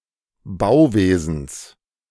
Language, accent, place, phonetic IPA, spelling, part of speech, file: German, Germany, Berlin, [ˈbaʊ̯ˌveːzn̩s], Bauwesens, noun, De-Bauwesens.ogg
- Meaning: genitive singular of Bauwesen